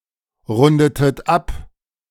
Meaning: inflection of abrunden: 1. second-person plural preterite 2. second-person plural subjunctive II
- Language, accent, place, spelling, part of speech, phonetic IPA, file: German, Germany, Berlin, rundetet ab, verb, [ˌʁʊndətət ˈap], De-rundetet ab.ogg